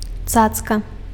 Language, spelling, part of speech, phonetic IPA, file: Belarusian, цацка, noun, [ˈt͡sat͡ska], Be-цацка.ogg
- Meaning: toy